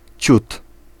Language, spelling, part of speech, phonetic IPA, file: Polish, ciut, numeral, [t͡ɕut], Pl-ciut.ogg